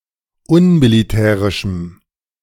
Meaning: strong dative masculine/neuter singular of unmilitärisch
- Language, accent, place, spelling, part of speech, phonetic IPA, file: German, Germany, Berlin, unmilitärischem, adjective, [ˈʊnmiliˌtɛːʁɪʃm̩], De-unmilitärischem.ogg